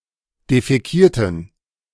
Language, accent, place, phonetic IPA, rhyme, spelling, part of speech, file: German, Germany, Berlin, [defɛˈkiːɐ̯tn̩], -iːɐ̯tn̩, defäkierten, adjective / verb, De-defäkierten.ogg
- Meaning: inflection of defäkieren: 1. first/third-person plural preterite 2. first/third-person plural subjunctive II